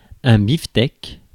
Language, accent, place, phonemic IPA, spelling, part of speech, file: French, France, Paris, /bif.tɛk/, bifteck, noun, Fr-bifteck.ogg
- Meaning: beefsteak (a steak of beef)